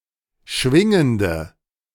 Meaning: inflection of schwingend: 1. strong/mixed nominative/accusative feminine singular 2. strong nominative/accusative plural 3. weak nominative all-gender singular
- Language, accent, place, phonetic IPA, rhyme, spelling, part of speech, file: German, Germany, Berlin, [ˈʃvɪŋəndə], -ɪŋəndə, schwingende, adjective, De-schwingende.ogg